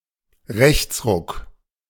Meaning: shift to the right, swing to the right
- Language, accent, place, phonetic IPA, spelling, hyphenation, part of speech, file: German, Germany, Berlin, [ˈʁɛçtsˌʁʊk], Rechtsruck, Rechts‧ruck, noun, De-Rechtsruck.ogg